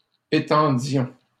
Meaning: inflection of étendre: 1. first-person plural imperfect indicative 2. first-person plural present subjunctive
- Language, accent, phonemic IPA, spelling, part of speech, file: French, Canada, /e.tɑ̃.djɔ̃/, étendions, verb, LL-Q150 (fra)-étendions.wav